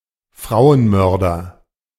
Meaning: murderer of women
- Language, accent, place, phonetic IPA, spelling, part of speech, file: German, Germany, Berlin, [ˈfʁaʊ̯ənˌmœʁdɐ], Frauenmörder, noun, De-Frauenmörder.ogg